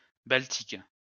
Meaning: Baltic
- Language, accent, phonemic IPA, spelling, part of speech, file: French, France, /bal.tik/, baltique, adjective, LL-Q150 (fra)-baltique.wav